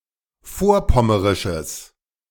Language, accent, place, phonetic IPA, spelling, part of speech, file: German, Germany, Berlin, [ˈfoːɐ̯ˌpɔməʁɪʃəs], vorpommerisches, adjective, De-vorpommerisches.ogg
- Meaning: strong/mixed nominative/accusative neuter singular of vorpommerisch